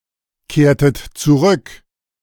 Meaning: inflection of zurückkehren: 1. second-person plural preterite 2. second-person plural subjunctive II
- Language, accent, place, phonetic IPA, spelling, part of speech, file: German, Germany, Berlin, [ˌkeːɐ̯tət t͡suˈʁʏk], kehrtet zurück, verb, De-kehrtet zurück.ogg